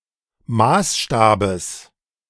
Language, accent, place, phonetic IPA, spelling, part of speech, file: German, Germany, Berlin, [ˈmaːsˌʃtaːbəs], Maßstabes, noun, De-Maßstabes.ogg
- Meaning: genitive singular of Maßstab